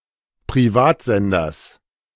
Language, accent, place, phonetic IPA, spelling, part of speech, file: German, Germany, Berlin, [pʁiˈvaːtˌzɛndɐs], Privatsenders, noun, De-Privatsenders.ogg
- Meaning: genitive singular of Privatsender